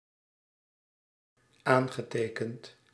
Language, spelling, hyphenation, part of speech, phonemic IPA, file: Dutch, aangetekend, aan‧ge‧te‧kend, adjective / verb, /ˈaːn.ɣəˌteː.kənt/, Nl-aangetekend.ogg
- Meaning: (adjective) registered; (verb) past participle of aantekenen